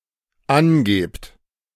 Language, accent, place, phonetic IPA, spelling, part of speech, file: German, Germany, Berlin, [ˈanˌɡeːpt], angebt, verb, De-angebt.ogg
- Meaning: second-person plural dependent present of angeben